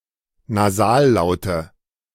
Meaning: nominative/accusative/genitive plural of Nasallaut
- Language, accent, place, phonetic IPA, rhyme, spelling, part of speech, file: German, Germany, Berlin, [naˈzaːlˌlaʊ̯tə], -aːllaʊ̯tə, Nasallaute, noun, De-Nasallaute.ogg